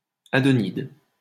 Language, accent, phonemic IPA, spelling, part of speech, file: French, France, /a.dɔ.nid/, adonide, noun, LL-Q150 (fra)-adonide.wav
- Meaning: pheasant's eye (plant)